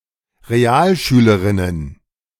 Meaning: plural of Realschülerin
- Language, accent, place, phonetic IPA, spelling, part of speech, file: German, Germany, Berlin, [ʁeˈaːlˌʃyːləʁɪnən], Realschülerinnen, noun, De-Realschülerinnen.ogg